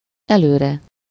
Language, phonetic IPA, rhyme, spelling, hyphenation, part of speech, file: Hungarian, [ˈɛløːrɛ], -rɛ, előre, elő‧re, adverb, Hu-előre.ogg
- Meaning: 1. forward, ahead (space) 2. in advance, in anticipation (time)